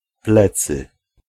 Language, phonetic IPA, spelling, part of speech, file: Polish, [ˈplɛt͡sɨ], plecy, noun, Pl-plecy.ogg